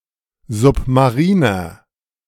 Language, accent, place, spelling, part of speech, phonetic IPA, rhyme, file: German, Germany, Berlin, submariner, adjective, [ˌzʊpmaˈʁiːnɐ], -iːnɐ, De-submariner.ogg
- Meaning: inflection of submarin: 1. strong/mixed nominative masculine singular 2. strong genitive/dative feminine singular 3. strong genitive plural